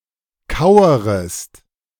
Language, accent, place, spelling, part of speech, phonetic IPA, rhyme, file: German, Germany, Berlin, kauerest, verb, [ˈkaʊ̯əʁəst], -aʊ̯əʁəst, De-kauerest.ogg
- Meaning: second-person singular subjunctive I of kauern